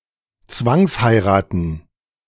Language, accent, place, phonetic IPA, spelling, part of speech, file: German, Germany, Berlin, [ˈt͡svaŋsˌhaɪ̯ʁaːtn̩], Zwangsheiraten, noun, De-Zwangsheiraten.ogg
- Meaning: plural of Zwangsheirat